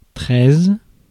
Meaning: thirteen
- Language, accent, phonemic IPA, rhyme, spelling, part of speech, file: French, France, /tʁɛz/, -ɛz, treize, numeral, Fr-treize.ogg